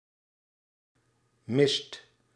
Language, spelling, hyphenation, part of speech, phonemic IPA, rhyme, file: Dutch, mist, mist, noun / verb, /mɪst/, -ɪst, Nl-mist.ogg
- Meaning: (noun) fog, mist; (verb) inflection of missen: 1. second/third-person singular present indicative 2. plural imperative